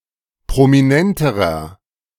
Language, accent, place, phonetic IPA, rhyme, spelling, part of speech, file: German, Germany, Berlin, [pʁomiˈnɛntəʁɐ], -ɛntəʁɐ, prominenterer, adjective, De-prominenterer.ogg
- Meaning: inflection of prominent: 1. strong/mixed nominative masculine singular comparative degree 2. strong genitive/dative feminine singular comparative degree 3. strong genitive plural comparative degree